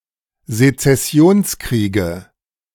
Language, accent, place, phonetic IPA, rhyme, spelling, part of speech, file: German, Germany, Berlin, [zet͡sɛˈsi̯oːnsˌkʁiːɡə], -oːnskʁiːɡə, Sezessionskriege, noun, De-Sezessionskriege.ogg
- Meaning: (noun) 1. nominative/accusative/genitive plural of Sezessionskrieg 2. dative singular of Sezessionskrieg